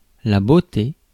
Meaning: beauty
- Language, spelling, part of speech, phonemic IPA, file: French, beauté, noun, /bo.te/, Fr-beauté.ogg